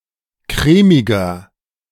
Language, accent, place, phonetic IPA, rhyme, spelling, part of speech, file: German, Germany, Berlin, [ˈkʁɛːmɪɡɐ], -ɛːmɪɡɐ, crèmiger, adjective, De-crèmiger.ogg
- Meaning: inflection of crèmig: 1. strong/mixed nominative masculine singular 2. strong genitive/dative feminine singular 3. strong genitive plural